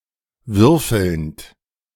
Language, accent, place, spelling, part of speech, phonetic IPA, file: German, Germany, Berlin, würfelnd, verb, [ˈvʏʁfl̩nt], De-würfelnd.ogg
- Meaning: present participle of würfeln